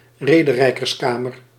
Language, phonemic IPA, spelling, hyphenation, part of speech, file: Dutch, /ˈreː.də.rɛi̯.kərsˌkaː.mər/, rederijkerskamer, re‧de‧rij‧kers‧ka‧mer, noun, Nl-rederijkerskamer.ogg
- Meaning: chamber of rhetoric, a late-mediaeval or early-modern literary guild preoccupied with the study, production and performance of drama, rhetoric and literature